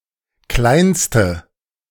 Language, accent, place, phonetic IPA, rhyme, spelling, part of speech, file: German, Germany, Berlin, [ˈklaɪ̯nstə], -aɪ̯nstə, kleinste, adjective, De-kleinste.ogg
- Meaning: inflection of klein: 1. strong/mixed nominative/accusative feminine singular superlative degree 2. strong nominative/accusative plural superlative degree